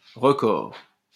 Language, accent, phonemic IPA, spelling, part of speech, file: French, France, /ʁə.kɔʁ/, recors, noun, LL-Q150 (fra)-recors.wav
- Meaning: bailiff's assistant; (pejorative) bumbailiff, tipstaff, catchpoll